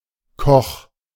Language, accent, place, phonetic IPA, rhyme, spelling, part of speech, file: German, Germany, Berlin, [kɔx], -ɔx, koch, verb, De-koch.ogg
- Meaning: 1. singular imperative of kochen 2. first-person singular present of kochen